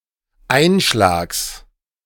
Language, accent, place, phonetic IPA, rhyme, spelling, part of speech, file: German, Germany, Berlin, [ˈaɪ̯nˌʃlaːks], -aɪ̯nʃlaːks, Einschlags, noun, De-Einschlags.ogg
- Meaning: genitive singular of Einschlag